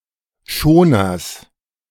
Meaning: genitive singular of Schoner
- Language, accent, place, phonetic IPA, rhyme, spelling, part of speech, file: German, Germany, Berlin, [ˈʃoːnɐs], -oːnɐs, Schoners, noun, De-Schoners.ogg